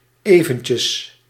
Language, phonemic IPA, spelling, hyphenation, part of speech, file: Dutch, /ˈeː.və(n).tjəs/, eventjes, even‧tjes, adverb, Nl-eventjes.ogg
- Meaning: diminutive of even; momentarily, in a moment